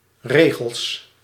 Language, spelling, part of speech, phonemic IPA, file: Dutch, regels, noun, /ˈreɣəɫs/, Nl-regels.ogg
- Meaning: plural of regel